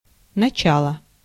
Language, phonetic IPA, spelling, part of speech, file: Russian, [nɐˈt͡ɕaɫə], начало, noun, Ru-начало.ogg
- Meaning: 1. beginning, commencement, onset, start 2. source, origin 3. principles, basis, basics 4. command, authority